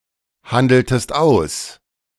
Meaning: inflection of aushandeln: 1. second-person singular preterite 2. second-person singular subjunctive II
- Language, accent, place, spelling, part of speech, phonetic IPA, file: German, Germany, Berlin, handeltest aus, verb, [ˌhandl̩təst ˈaʊ̯s], De-handeltest aus.ogg